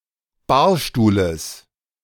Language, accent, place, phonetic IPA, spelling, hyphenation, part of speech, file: German, Germany, Berlin, [ˈbaːɐ̯ˌʃtuːləs], Barstuhles, Bar‧stuh‧les, noun, De-Barstuhles.ogg
- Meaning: genitive singular of Barstuhl